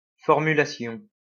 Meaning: 1. wording, phrasing 2. formulation
- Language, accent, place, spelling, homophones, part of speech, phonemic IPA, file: French, France, Lyon, formulation, formulations, noun, /fɔʁ.my.la.sjɔ̃/, LL-Q150 (fra)-formulation.wav